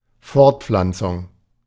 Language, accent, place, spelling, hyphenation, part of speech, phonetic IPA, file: German, Germany, Berlin, Fortpflanzung, Fort‧pflan‧zung, noun, [ˈfɔʁtˌp͡flant͡sʊŋ], De-Fortpflanzung.ogg
- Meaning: reproduction (act of reproducing new individuals biologically)